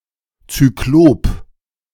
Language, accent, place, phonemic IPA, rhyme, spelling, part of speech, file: German, Germany, Berlin, /tsyˈkloːp/, -oːp, Zyklop, noun, De-Zyklop.ogg
- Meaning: cyclops (giant of mythology)